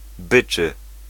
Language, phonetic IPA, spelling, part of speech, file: Polish, [ˈbɨt͡ʃɨ], byczy, adjective / verb, Pl-byczy.ogg